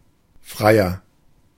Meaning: 1. comparative degree of frei 2. inflection of frei: strong/mixed nominative masculine singular 3. inflection of frei: strong genitive/dative feminine singular
- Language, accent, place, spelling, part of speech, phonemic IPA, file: German, Germany, Berlin, freier, adjective, /ˈfʁaɪ̯ɐ/, De-freier.ogg